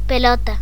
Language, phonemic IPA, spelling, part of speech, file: Galician, /peˈlɔta̝/, pelota, noun, Gl-pelota.ogg
- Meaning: 1. ball 2. butter pellet 3. an abnormal growth in the legs of the cattle 4. testicle